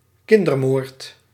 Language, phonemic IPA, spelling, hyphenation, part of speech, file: Dutch, /ˈkɪn.dərˌmoːrt/, kindermoord, kin‧der‧moord, noun, Nl-kindermoord.ogg
- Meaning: infanticide